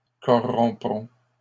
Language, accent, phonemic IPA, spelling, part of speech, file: French, Canada, /kɔ.ʁɔ̃.pʁɔ̃/, corromprons, verb, LL-Q150 (fra)-corromprons.wav
- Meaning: first-person plural simple future of corrompre